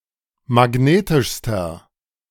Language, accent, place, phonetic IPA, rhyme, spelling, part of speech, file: German, Germany, Berlin, [maˈɡneːtɪʃstɐ], -eːtɪʃstɐ, magnetischster, adjective, De-magnetischster.ogg
- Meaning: inflection of magnetisch: 1. strong/mixed nominative masculine singular superlative degree 2. strong genitive/dative feminine singular superlative degree 3. strong genitive plural superlative degree